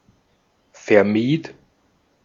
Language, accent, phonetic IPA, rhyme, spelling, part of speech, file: German, Austria, [fɛɐ̯ˈmiːt], -iːt, vermied, verb, De-at-vermied.ogg
- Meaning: first/third-person singular preterite of vermeiden